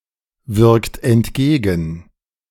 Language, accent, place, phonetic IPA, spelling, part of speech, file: German, Germany, Berlin, [ˌvɪʁkt ɛntˈɡeːɡn̩], wirkt entgegen, verb, De-wirkt entgegen.ogg
- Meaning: inflection of entgegenwirken: 1. second-person plural present 2. third-person singular present 3. plural imperative